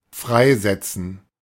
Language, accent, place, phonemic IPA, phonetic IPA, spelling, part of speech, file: German, Germany, Berlin, /ˈfʁaɪ̯ˌzɛtsən/, [ˈfʁaɪ̯ˌzɛtsn̩], freisetzen, verb, De-freisetzen.ogg
- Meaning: 1. to release, liberate 2. to lay off (make redundant)